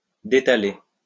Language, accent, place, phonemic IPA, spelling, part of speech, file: French, France, Lyon, /de.ta.le/, détaler, verb, LL-Q150 (fra)-détaler.wav
- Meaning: to make oneself scarce, to scamper (off or away), to make off